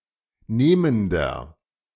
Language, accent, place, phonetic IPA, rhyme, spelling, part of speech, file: German, Germany, Berlin, [ˈneːməndɐ], -eːməndɐ, nehmender, adjective, De-nehmender.ogg
- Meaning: inflection of nehmend: 1. strong/mixed nominative masculine singular 2. strong genitive/dative feminine singular 3. strong genitive plural